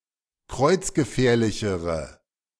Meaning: inflection of kreuzgefährlich: 1. strong/mixed nominative/accusative feminine singular comparative degree 2. strong nominative/accusative plural comparative degree
- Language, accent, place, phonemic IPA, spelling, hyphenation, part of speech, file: German, Germany, Berlin, /ˈkʁɔɪ̯t͡s̯ɡəˌfɛːɐ̯lɪçəʁə/, kreuzgefährlichere, kreuz‧ge‧fähr‧li‧che‧re, adjective, De-kreuzgefährlichere.ogg